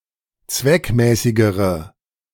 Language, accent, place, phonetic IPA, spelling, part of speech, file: German, Germany, Berlin, [ˈt͡svɛkˌmɛːsɪɡəʁə], zweckmäßigere, adjective, De-zweckmäßigere.ogg
- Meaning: inflection of zweckmäßig: 1. strong/mixed nominative/accusative feminine singular comparative degree 2. strong nominative/accusative plural comparative degree